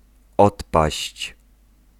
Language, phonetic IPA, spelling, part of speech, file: Polish, [ˈɔtpaɕt͡ɕ], odpaść, verb, Pl-odpaść.ogg